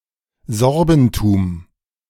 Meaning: the culture, history, religion, and traditions of the Sorbs
- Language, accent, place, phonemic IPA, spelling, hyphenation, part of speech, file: German, Germany, Berlin, /ˈzɔʁbn̩tuːm/, Sorbentum, Sor‧ben‧tum, noun, De-Sorbentum.ogg